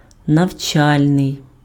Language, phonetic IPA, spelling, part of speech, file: Ukrainian, [nɐu̯ˈt͡ʃalʲnei̯], навчальний, adjective, Uk-навчальний.ogg
- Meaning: educational (pertaining to education)